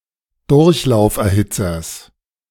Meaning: genitive singular of Durchlauferhitzer
- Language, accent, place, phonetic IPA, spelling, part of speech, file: German, Germany, Berlin, [ˈdʊʁçlaʊ̯fʔɛɐ̯ˌhɪt͡sɐs], Durchlauferhitzers, noun, De-Durchlauferhitzers.ogg